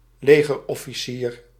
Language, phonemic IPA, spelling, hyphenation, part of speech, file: Dutch, /ˈleː.ɣər.ɔ.fiˌsiːr/, legerofficier, le‧ger‧of‧fi‧cier, noun, Nl-legerofficier.ogg
- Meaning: an army officer